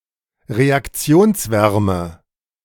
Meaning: heat of reaction
- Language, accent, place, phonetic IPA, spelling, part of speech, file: German, Germany, Berlin, [ʁeakˈt͡si̯oːnsˌvɛʁmə], Reaktionswärme, noun, De-Reaktionswärme.ogg